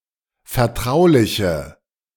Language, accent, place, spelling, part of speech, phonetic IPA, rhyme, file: German, Germany, Berlin, vertrauliche, adjective, [fɛɐ̯ˈtʁaʊ̯lɪçə], -aʊ̯lɪçə, De-vertrauliche.ogg
- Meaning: inflection of vertraulich: 1. strong/mixed nominative/accusative feminine singular 2. strong nominative/accusative plural 3. weak nominative all-gender singular